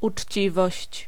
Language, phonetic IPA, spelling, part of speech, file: Polish, [ut͡ʃʲˈt͡ɕivɔɕt͡ɕ], uczciwość, noun, Pl-uczciwość.ogg